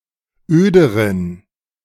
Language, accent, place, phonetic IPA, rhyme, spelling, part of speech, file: German, Germany, Berlin, [ˈøːdəʁən], -øːdəʁən, öderen, adjective, De-öderen.ogg
- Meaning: inflection of öd: 1. strong genitive masculine/neuter singular comparative degree 2. weak/mixed genitive/dative all-gender singular comparative degree